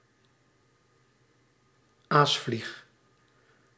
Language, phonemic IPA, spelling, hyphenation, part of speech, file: Dutch, /ˈaːs.flix/, aasvlieg, aas‧vlieg, noun, Nl-aasvlieg.ogg
- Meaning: blowfly, fly of the Calliphoridae